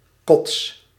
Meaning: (noun) vomit; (interjection) Expression of disgust, as if one has to vomit; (verb) inflection of kotsen: 1. first-person singular present indicative 2. second-person singular present indicative
- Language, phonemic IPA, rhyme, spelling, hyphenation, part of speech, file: Dutch, /kɔts/, -ɔts, kots, kots, noun / interjection / verb, Nl-kots.ogg